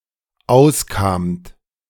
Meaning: second-person plural dependent preterite of auskommen
- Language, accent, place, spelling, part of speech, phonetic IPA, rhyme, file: German, Germany, Berlin, auskamt, verb, [ˈaʊ̯sˌkaːmt], -aʊ̯skaːmt, De-auskamt.ogg